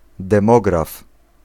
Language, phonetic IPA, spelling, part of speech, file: Polish, [dɛ̃ˈmɔɡraf], demograf, noun, Pl-demograf.ogg